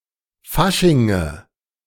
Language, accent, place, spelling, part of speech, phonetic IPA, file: German, Germany, Berlin, Faschinge, noun, [ˈfaʃɪŋə], De-Faschinge.ogg
- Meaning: nominative/accusative/genitive plural of Fasching